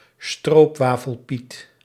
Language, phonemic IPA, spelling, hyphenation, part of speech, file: Dutch, /ˈstroːp.ʋaː.fəlˌpit/, stroopwafelpiet, stroop‧wa‧fel‧piet, noun, Nl-stroopwafelpiet.ogg
- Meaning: a servant of Sinterklaas with facepaint in the colour scheme of a stroopwafel, a typically Dutch treat, in order to avoid the blackface on Zwarte Piet